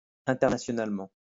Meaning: internationally
- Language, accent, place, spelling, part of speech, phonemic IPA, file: French, France, Lyon, internationalement, adverb, /ɛ̃.tɛʁ.na.sjɔ.nal.mɑ̃/, LL-Q150 (fra)-internationalement.wav